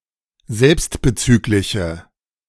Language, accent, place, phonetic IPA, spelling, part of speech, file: German, Germany, Berlin, [ˈzɛlpstbəˌt͡syːklɪçə], selbstbezügliche, adjective, De-selbstbezügliche.ogg
- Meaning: inflection of selbstbezüglich: 1. strong/mixed nominative/accusative feminine singular 2. strong nominative/accusative plural 3. weak nominative all-gender singular